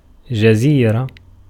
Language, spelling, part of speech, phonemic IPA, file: Arabic, جزيرة, noun, /d͡ʒa.ziː.ra/, Ar-جزيرة.ogg
- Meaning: 1. island 2. peninsula 3. area, region, territory, section, district; any separated location, especially one delimited by natural boundaries